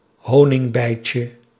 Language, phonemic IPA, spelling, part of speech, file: Dutch, /ˈhonɪŋˌbɛicə/, honingbijtje, noun, Nl-honingbijtje.ogg
- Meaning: diminutive of honingbij